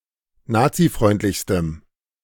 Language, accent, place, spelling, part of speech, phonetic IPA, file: German, Germany, Berlin, nazifreundlichstem, adjective, [ˈnaːt͡siˌfʁɔɪ̯ntlɪçstəm], De-nazifreundlichstem.ogg
- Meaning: strong dative masculine/neuter singular superlative degree of nazifreundlich